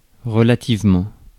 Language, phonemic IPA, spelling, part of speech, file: French, /ʁə.la.tiv.mɑ̃/, relativement, adverb, Fr-relativement.ogg
- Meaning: relatively